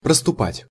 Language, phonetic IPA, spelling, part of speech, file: Russian, [prəstʊˈpatʲ], проступать, verb, Ru-проступать.ogg
- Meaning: 1. to become faintly visible 2. to exude, to ooze 3. to appear (from under of something)